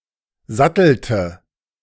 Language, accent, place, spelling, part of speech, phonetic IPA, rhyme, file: German, Germany, Berlin, sattelte, verb, [ˈzatl̩tə], -atl̩tə, De-sattelte.ogg
- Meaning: inflection of satteln: 1. first/third-person singular preterite 2. first/third-person singular subjunctive II